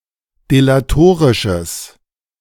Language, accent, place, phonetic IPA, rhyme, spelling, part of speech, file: German, Germany, Berlin, [delaˈtoːʁɪʃəs], -oːʁɪʃəs, delatorisches, adjective, De-delatorisches.ogg
- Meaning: strong/mixed nominative/accusative neuter singular of delatorisch